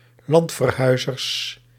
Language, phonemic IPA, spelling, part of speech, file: Dutch, /ˈlɑntfərˌhœyzərs/, landverhuizers, noun, Nl-landverhuizers.ogg
- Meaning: plural of landverhuizer